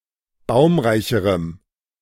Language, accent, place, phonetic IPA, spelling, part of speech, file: German, Germany, Berlin, [ˈbaʊ̯mʁaɪ̯çəʁəm], baumreicherem, adjective, De-baumreicherem.ogg
- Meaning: strong dative masculine/neuter singular comparative degree of baumreich